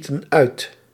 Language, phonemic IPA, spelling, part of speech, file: Dutch, /ˈstotə(n) ˈœyt/, stieten uit, verb, Nl-stieten uit.ogg
- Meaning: inflection of uitstoten: 1. plural past indicative 2. plural past subjunctive